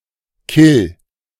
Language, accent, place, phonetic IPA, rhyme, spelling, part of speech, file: German, Germany, Berlin, [kɪl], -ɪl, kill, verb, De-kill.ogg
- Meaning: 1. singular imperative of killen 2. first-person singular present of killen